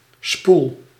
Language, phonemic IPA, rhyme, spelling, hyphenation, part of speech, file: Dutch, /spul/, -ul, spoel, spoel, noun / verb, Nl-spoel.ogg
- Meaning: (noun) 1. spool 2. inductor; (verb) inflection of spoelen: 1. first-person singular present indicative 2. second-person singular present indicative 3. imperative